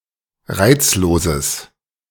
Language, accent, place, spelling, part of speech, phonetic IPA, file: German, Germany, Berlin, reizloses, adjective, [ˈʁaɪ̯t͡sloːzəs], De-reizloses.ogg
- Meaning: strong/mixed nominative/accusative neuter singular of reizlos